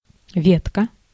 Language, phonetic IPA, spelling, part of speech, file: Russian, [ˈvʲetkə], ветка, noun, Ru-ветка.ogg
- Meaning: 1. diminutive of ветвь (vetvʹ, “branch, twig”): small branch, twig 2. line, branch line, sideline 3. thread (in a discussion forum)